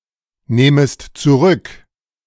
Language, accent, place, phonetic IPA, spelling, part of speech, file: German, Germany, Berlin, [ˌneːməst t͡suˈʁʏk], nehmest zurück, verb, De-nehmest zurück.ogg
- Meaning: second-person singular subjunctive I of zurücknehmen